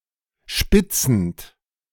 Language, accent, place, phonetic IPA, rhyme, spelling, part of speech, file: German, Germany, Berlin, [ˈʃpɪt͡sn̩t], -ɪt͡sn̩t, spitzend, verb, De-spitzend.ogg
- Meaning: present participle of spitzen